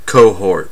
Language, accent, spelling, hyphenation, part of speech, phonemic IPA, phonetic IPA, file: English, US, cohort, co‧hort, noun / verb, /ˈkoʊ̯ˌhɔɹt/, [ˈkʰoʊ̯ˌhɔɹt], En-us-cohort.ogg
- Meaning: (noun) 1. A group of people supporting the same thing or person 2. A demographic grouping of people, especially those in a defined age group, or having a common characteristic